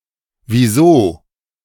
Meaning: why
- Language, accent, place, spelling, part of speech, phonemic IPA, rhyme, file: German, Germany, Berlin, wieso, adverb, /viˈzoː/, -oː, De-wieso.ogg